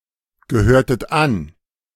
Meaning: inflection of angehören: 1. second-person plural preterite 2. second-person plural subjunctive II
- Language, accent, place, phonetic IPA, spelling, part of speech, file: German, Germany, Berlin, [ɡəˌhøːɐ̯tət ˈan], gehörtet an, verb, De-gehörtet an.ogg